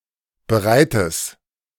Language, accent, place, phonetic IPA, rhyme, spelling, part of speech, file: German, Germany, Berlin, [bəˈʁaɪ̯təs], -aɪ̯təs, bereites, adjective, De-bereites.ogg
- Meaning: strong/mixed nominative/accusative neuter singular of bereit